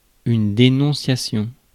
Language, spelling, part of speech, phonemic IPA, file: French, dénonciation, noun, /de.nɔ̃.sja.sjɔ̃/, Fr-dénonciation.ogg
- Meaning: denunciation